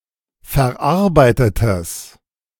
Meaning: strong/mixed nominative/accusative neuter singular of verarbeitet
- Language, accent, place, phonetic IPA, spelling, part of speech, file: German, Germany, Berlin, [fɛɐ̯ˈʔaʁbaɪ̯tətəs], verarbeitetes, adjective, De-verarbeitetes.ogg